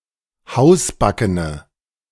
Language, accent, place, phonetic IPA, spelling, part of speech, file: German, Germany, Berlin, [ˈhaʊ̯sˌbakənə], hausbackene, adjective, De-hausbackene.ogg
- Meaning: inflection of hausbacken: 1. strong/mixed nominative/accusative feminine singular 2. strong nominative/accusative plural 3. weak nominative all-gender singular